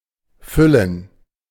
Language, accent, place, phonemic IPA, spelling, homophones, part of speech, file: German, Germany, Berlin, /ˈfʏlən/, Füllen, füllen, noun / proper noun, De-Füllen.ogg
- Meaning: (noun) alternative form of Fohlen (“young horse”); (proper noun) Equuleus; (noun) gerund of füllen